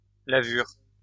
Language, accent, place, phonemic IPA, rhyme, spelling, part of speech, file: French, France, Lyon, /la.vyʁ/, -yʁ, lavure, noun, LL-Q150 (fra)-lavure.wav
- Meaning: dishwater